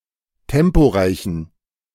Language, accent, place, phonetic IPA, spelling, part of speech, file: German, Germany, Berlin, [ˈtɛmpoˌʁaɪ̯çn̩], temporeichen, adjective, De-temporeichen.ogg
- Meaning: inflection of temporeich: 1. strong genitive masculine/neuter singular 2. weak/mixed genitive/dative all-gender singular 3. strong/weak/mixed accusative masculine singular 4. strong dative plural